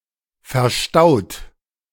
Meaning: 1. past participle of verstauen 2. inflection of verstauen: second-person plural present 3. inflection of verstauen: third-person singular present 4. inflection of verstauen: plural imperative
- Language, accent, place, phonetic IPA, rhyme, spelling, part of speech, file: German, Germany, Berlin, [fɛɐ̯ˈʃtaʊ̯t], -aʊ̯t, verstaut, verb, De-verstaut.ogg